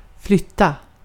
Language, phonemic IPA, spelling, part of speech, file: Swedish, /²flʏtːa/, flytta, verb, Sv-flytta.ogg
- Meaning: 1. to move; to relocate something 2. to move oneself 3. to move; to change one's place of living 4. to make a move in certain board games, such as chess